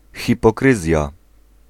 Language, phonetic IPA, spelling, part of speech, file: Polish, [ˌxʲipɔˈkrɨzʲja], hipokryzja, noun, Pl-hipokryzja.ogg